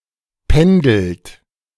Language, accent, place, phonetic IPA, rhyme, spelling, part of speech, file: German, Germany, Berlin, [ˈpɛndl̩t], -ɛndl̩t, pendelt, verb, De-pendelt.ogg
- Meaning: inflection of pendeln: 1. third-person singular present 2. second-person plural present 3. plural imperative